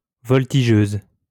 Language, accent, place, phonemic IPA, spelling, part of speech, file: French, France, Lyon, /vɔl.ti.ʒøz/, voltigeuse, noun, LL-Q150 (fra)-voltigeuse.wav
- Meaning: female equivalent of voltigeur